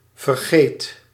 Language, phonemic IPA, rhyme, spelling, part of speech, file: Dutch, /vərˈɣeːt/, -eːt, vergeet, verb, Nl-vergeet.ogg
- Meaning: inflection of vergeten: 1. first/second/third-person singular present indicative 2. imperative